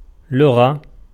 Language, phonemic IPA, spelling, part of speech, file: Arabic, /lu.ɣa/, لغة, noun, Ar-لغة.ogg
- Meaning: 1. language 2. dialect, vernacular 3. jargon 4. a variant 5. Classical Arabic and Modern Standard Arabic 6. lexicography, lexicographic literature, lexicographers